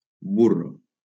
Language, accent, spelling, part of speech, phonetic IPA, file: Catalan, Valencia, burro, adjective / noun, [ˈbu.ro], LL-Q7026 (cat)-burro.wav
- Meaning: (adjective) stupid, dumb; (noun) 1. donkey 2. bedwarmer